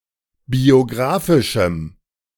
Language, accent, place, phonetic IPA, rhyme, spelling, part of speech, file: German, Germany, Berlin, [bioˈɡʁaːfɪʃm̩], -aːfɪʃm̩, biographischem, adjective, De-biographischem.ogg
- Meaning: strong dative masculine/neuter singular of biographisch